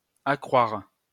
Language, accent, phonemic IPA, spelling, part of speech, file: French, France, /a.kʁwaʁ/, accroire, verb, LL-Q150 (fra)-accroire.wav
- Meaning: to believe (something false)